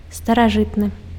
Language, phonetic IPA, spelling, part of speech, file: Belarusian, [staraˈʐɨtnɨ], старажытны, adjective, Be-старажытны.ogg
- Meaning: ancient